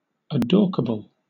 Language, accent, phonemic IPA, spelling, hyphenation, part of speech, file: English, Southern England, /əˈdɔːkəbl̩/, adorkable, adork‧a‧ble, adjective, LL-Q1860 (eng)-adorkable.wav
- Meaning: Adorable in a dorky, socially awkward manner